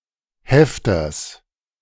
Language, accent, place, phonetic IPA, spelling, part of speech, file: German, Germany, Berlin, [ˈhɛftɐs], Hefters, noun, De-Hefters.ogg
- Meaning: genitive singular of Hefter